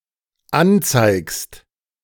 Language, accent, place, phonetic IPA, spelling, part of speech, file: German, Germany, Berlin, [ˈanˌt͡saɪ̯kst], anzeigst, verb, De-anzeigst.ogg
- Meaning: second-person singular dependent present of anzeigen